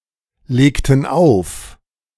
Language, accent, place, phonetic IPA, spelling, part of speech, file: German, Germany, Berlin, [ˌleːktn̩ ˈaʊ̯f], legten auf, verb, De-legten auf.ogg
- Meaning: inflection of auflegen: 1. first/third-person plural preterite 2. first/third-person plural subjunctive II